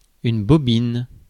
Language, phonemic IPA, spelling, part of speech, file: French, /bɔ.bin/, bobine, noun / verb, Fr-bobine.ogg
- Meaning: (noun) 1. bobbin 2. reel, spool 3. drum 4. coil 5. ellipsis of bobine d'allumage (“ignition coil”) 6. head, noggin; face